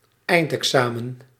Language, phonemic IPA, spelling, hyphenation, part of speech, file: Dutch, /ˈɛi̯nt.ɛkˌsaː.mə(n)/, eindexamen, eind‧exa‧men, noun, Nl-eindexamen.ogg
- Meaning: final exam